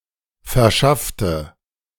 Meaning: inflection of verschaffen: 1. first/third-person singular preterite 2. first/third-person singular subjunctive II
- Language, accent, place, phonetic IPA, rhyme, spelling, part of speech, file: German, Germany, Berlin, [fɛɐ̯ˈʃaftə], -aftə, verschaffte, adjective / verb, De-verschaffte.ogg